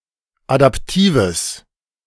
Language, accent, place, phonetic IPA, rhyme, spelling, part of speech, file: German, Germany, Berlin, [adapˈtiːvəs], -iːvəs, adaptives, adjective, De-adaptives.ogg
- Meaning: strong/mixed nominative/accusative neuter singular of adaptiv